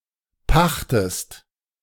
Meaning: inflection of pachten: 1. second-person singular present 2. second-person singular subjunctive I
- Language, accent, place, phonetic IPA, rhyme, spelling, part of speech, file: German, Germany, Berlin, [ˈpaxtəst], -axtəst, pachtest, verb, De-pachtest.ogg